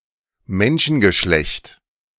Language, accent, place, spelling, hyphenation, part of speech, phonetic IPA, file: German, Germany, Berlin, Menschengeschlecht, Men‧schen‧ge‧schlecht, noun, [ˈmɛnʃn̩ɡəˌʃlɛçt], De-Menschengeschlecht.ogg
- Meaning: humankind